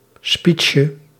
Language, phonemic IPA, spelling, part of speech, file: Dutch, /ˈspiːtʃə/, speechje, noun, Nl-speechje.ogg
- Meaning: diminutive of speech